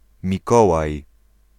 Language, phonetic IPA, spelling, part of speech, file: Polish, [mʲiˈkɔwaj], Mikołaj, proper noun, Pl-Mikołaj.ogg